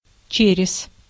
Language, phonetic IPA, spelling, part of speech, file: Russian, [ˈt͡ɕerʲɪs], через, preposition / noun, Ru-через.ogg
- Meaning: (preposition) 1. through 2. across, over 3. in, after 4. via 5. with, with the help of 6. every other 7. because of; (noun) leather belt with purse for money, bysack-girdle, money belt